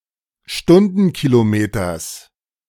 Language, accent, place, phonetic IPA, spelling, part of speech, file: German, Germany, Berlin, [ˈʃtʊndn̩kiloˌmeːtɐs], Stundenkilometers, noun, De-Stundenkilometers.ogg
- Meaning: genitive singular of Stundenkilometer